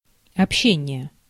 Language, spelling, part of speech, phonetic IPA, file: Russian, общение, noun, [ɐpˈɕːenʲɪje], Ru-общение.ogg
- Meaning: communication, intercourse (concept of information exchange)